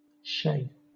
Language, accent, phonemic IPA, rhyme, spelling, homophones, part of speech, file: English, Southern England, /ʃeɪ/, -eɪ, shay, chez, noun, LL-Q1860 (eng)-shay.wav
- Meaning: A chaise